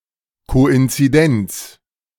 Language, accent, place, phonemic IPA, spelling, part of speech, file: German, Germany, Berlin, /koʔɪnt͡siˈdɛnt͡s/, Koinzidenz, noun, De-Koinzidenz.ogg
- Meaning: coincidence (state of events appearing to be connected when they are not)